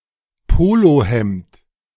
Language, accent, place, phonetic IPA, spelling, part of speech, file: German, Germany, Berlin, [ˈpoːloˌhɛmt], Polohemd, noun, De-Polohemd.ogg
- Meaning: polo shirt